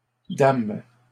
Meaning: third-person plural present indicative/subjunctive of damer
- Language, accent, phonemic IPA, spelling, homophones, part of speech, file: French, Canada, /dam/, dament, dame / dames, verb, LL-Q150 (fra)-dament.wav